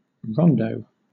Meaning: A musical composition, commonly of a lively, cheerful character, in which the first strain recurs after each of the other strains
- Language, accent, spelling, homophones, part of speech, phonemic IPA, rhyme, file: English, Southern England, rondo, rondeau, noun, /ˈɹɒn.dəʊ/, -ɒndəʊ, LL-Q1860 (eng)-rondo.wav